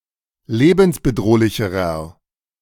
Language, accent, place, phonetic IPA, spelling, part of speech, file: German, Germany, Berlin, [ˈleːbn̩sbəˌdʁoːlɪçəʁɐ], lebensbedrohlicherer, adjective, De-lebensbedrohlicherer.ogg
- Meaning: inflection of lebensbedrohlich: 1. strong/mixed nominative masculine singular comparative degree 2. strong genitive/dative feminine singular comparative degree